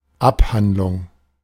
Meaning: treatise (systematic discourse on some subject)
- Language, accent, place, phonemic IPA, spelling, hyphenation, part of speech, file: German, Germany, Berlin, /ˈapˌhandlʊŋ/, Abhandlung, Ab‧hand‧lung, noun, De-Abhandlung.ogg